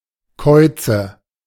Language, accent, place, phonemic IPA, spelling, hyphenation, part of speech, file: German, Germany, Berlin, /ˈkɔɪ̯t͡sə/, Käuze, Käu‧ze, noun, De-Käuze.ogg
- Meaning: nominative/accusative/genitive plural of Kauz